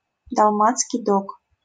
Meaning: Dalmatian
- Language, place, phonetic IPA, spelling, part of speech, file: Russian, Saint Petersburg, [dɐɫˈmat͡skʲɪj ˈdok], далматский дог, noun, LL-Q7737 (rus)-далматский дог.wav